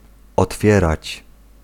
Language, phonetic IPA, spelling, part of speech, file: Polish, [ɔtˈfʲjɛrat͡ɕ], otwierać, verb, Pl-otwierać.ogg